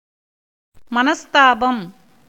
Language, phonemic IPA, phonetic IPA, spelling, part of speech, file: Tamil, /mɐnɐst̪ɑːbɐm/, [mɐnɐst̪äːbɐm], மனஸ்தாபம், noun, Ta-மனஸ்தாபம்.ogg
- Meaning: 1. grief 2. displeasure, aversion 3. being ill-disposed, being on unfriendly terms 4. repentance